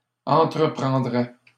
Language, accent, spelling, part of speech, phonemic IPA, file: French, Canada, entreprendrais, verb, /ɑ̃.tʁə.pʁɑ̃.dʁɛ/, LL-Q150 (fra)-entreprendrais.wav
- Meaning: first/second-person singular conditional of entreprendre